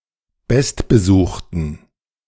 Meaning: 1. superlative degree of gutbesucht 2. inflection of gutbesucht: strong genitive masculine/neuter singular superlative degree
- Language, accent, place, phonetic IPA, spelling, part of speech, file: German, Germany, Berlin, [ˈbɛstbəˌzuːxtn̩], bestbesuchten, adjective, De-bestbesuchten.ogg